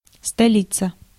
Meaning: capital (city designated as seat of government)
- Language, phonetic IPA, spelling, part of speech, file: Russian, [stɐˈlʲit͡sə], столица, noun, Ru-столица.ogg